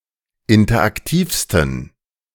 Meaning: 1. superlative degree of interaktiv 2. inflection of interaktiv: strong genitive masculine/neuter singular superlative degree
- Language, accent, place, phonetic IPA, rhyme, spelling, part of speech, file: German, Germany, Berlin, [ˌɪntɐʔakˈtiːfstn̩], -iːfstn̩, interaktivsten, adjective, De-interaktivsten.ogg